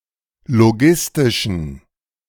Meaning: inflection of logistisch: 1. strong genitive masculine/neuter singular 2. weak/mixed genitive/dative all-gender singular 3. strong/weak/mixed accusative masculine singular 4. strong dative plural
- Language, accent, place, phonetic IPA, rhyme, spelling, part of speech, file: German, Germany, Berlin, [loˈɡɪstɪʃn̩], -ɪstɪʃn̩, logistischen, adjective, De-logistischen.ogg